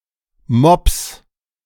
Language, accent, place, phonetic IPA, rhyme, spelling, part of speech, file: German, Germany, Berlin, [mɔps], -ɔps, Mobs, noun, De-Mobs.ogg
- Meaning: plural of Mob